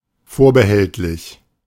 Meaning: alternative form of vorbehaltlich
- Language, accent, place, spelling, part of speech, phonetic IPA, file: German, Germany, Berlin, vorbehältlich, adjective / preposition, [ˈfoːɐ̯bəˌhɛltlɪç], De-vorbehältlich.ogg